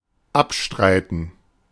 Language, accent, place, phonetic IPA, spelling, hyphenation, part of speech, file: German, Germany, Berlin, [ˈapˌʃtʁaɪ̯tn̩], abstreiten, ab‧strei‧ten, verb, De-abstreiten.ogg
- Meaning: 1. to repudiate 2. to contest